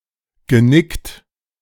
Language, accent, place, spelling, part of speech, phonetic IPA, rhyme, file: German, Germany, Berlin, genickt, verb, [ɡəˈnɪkt], -ɪkt, De-genickt.ogg
- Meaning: past participle of nicken